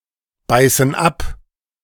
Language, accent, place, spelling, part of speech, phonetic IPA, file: German, Germany, Berlin, beißen ab, verb, [ˌbaɪ̯sn̩ ˈap], De-beißen ab.ogg
- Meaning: inflection of abbeißen: 1. first/third-person plural present 2. first/third-person plural subjunctive I